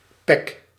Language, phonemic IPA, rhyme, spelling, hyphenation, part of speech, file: Dutch, /pɛk/, -ɛk, pek, pek, noun, Nl-pek.ogg
- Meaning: pitch (sticky substance used as an adhesive and sealant)